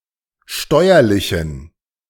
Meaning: inflection of steuerlich: 1. strong genitive masculine/neuter singular 2. weak/mixed genitive/dative all-gender singular 3. strong/weak/mixed accusative masculine singular 4. strong dative plural
- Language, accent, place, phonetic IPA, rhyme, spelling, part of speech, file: German, Germany, Berlin, [ˈʃtɔɪ̯ɐlɪçn̩], -ɔɪ̯ɐlɪçn̩, steuerlichen, adjective, De-steuerlichen.ogg